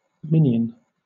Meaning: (noun) 1. A loyal servant of another, usually a more powerful being 2. A sycophantic follower 3. The size of type between nonpareil and brevier, standardized as 7-point
- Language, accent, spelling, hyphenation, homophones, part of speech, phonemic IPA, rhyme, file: English, Southern England, minion, min‧ion, minyan, noun / adjective, /ˈmɪnjən/, -ɪnjən, LL-Q1860 (eng)-minion.wav